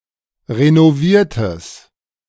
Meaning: strong/mixed nominative/accusative neuter singular of renoviert
- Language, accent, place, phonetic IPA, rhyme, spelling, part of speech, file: German, Germany, Berlin, [ʁenoˈviːɐ̯təs], -iːɐ̯təs, renoviertes, adjective, De-renoviertes.ogg